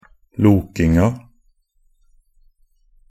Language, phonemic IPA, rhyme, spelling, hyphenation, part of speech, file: Norwegian Bokmål, /ˈluːkɪŋa/, -ɪŋa, lokinga, lo‧king‧a, noun, Nb-lokinga.ogg
- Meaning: definite feminine singular of loking